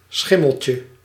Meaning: diminutive of schimmel
- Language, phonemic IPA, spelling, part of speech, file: Dutch, /ˈsxɪməlcə/, schimmeltje, noun, Nl-schimmeltje.ogg